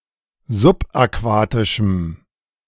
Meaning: strong dative masculine/neuter singular of subaquatisch
- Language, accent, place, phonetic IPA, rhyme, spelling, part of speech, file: German, Germany, Berlin, [zʊpʔaˈkvaːtɪʃm̩], -aːtɪʃm̩, subaquatischem, adjective, De-subaquatischem.ogg